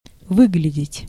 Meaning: 1. to look, to appear, to seem 2. to find, to discover, to spy out
- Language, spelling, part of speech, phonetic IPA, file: Russian, выглядеть, verb, [ˈvɨɡlʲɪdʲɪtʲ], Ru-выглядеть.ogg